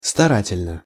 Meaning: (adverb) diligently, industriously (in a diligent manner); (adjective) short neuter singular of стара́тельный (starátelʹnyj)
- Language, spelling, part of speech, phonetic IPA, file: Russian, старательно, adverb / adjective, [stɐˈratʲɪlʲnə], Ru-старательно.ogg